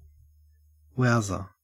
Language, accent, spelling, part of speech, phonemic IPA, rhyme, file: English, Australia, wowser, noun, /ˈwaʊzə(ɹ)/, -aʊzə(ɹ), En-au-wowser.ogg
- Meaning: One with strong moral views against alcohol, gambling, pornography, etc., who seeks to promulgate those views; a censorious, self-righteous, puritanical person who tries to stop others from having fun